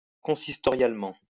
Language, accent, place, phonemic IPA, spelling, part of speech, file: French, France, Lyon, /kɔ̃.sis.tɔ.ʁjal.mɑ̃/, consistorialement, adverb, LL-Q150 (fra)-consistorialement.wav
- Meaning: consistorially